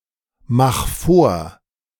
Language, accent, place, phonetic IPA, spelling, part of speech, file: German, Germany, Berlin, [ˌmax ˈfoːɐ̯], mach vor, verb, De-mach vor.ogg
- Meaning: 1. singular imperative of vormachen 2. first-person singular present of vormachen